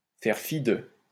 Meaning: 1. to turn one's nose up at, to thumb one's nose at (to disdain) 2. to pay no heed to (to disregard)
- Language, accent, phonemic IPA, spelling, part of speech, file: French, France, /fɛʁ fi də/, faire fi de, verb, LL-Q150 (fra)-faire fi de.wav